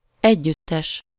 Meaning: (adjective) joint, shared; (noun) 1. band, group (people who perform music together) 2. complex (an assemblage of related things; a collection)
- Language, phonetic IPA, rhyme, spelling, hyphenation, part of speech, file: Hungarian, [ˈɛɟːytːɛʃ], -ɛʃ, együttes, együt‧tes, adjective / noun, Hu-együttes.ogg